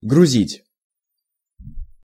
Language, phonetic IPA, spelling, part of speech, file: Russian, [ɡrʊˈzʲitʲ], грузить, verb, Ru-грузить.ogg
- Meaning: 1. to load (a vehicle) 2. to load (cargo) 3. to talk about something at length in order to confuse, to deceive, make worried 4. to bother, to annoy